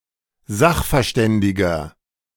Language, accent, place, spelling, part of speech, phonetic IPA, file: German, Germany, Berlin, sachverständiger, adjective, [ˈzaxfɛɐ̯ˌʃtɛndɪɡɐ], De-sachverständiger.ogg
- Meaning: 1. comparative degree of sachverständig 2. inflection of sachverständig: strong/mixed nominative masculine singular 3. inflection of sachverständig: strong genitive/dative feminine singular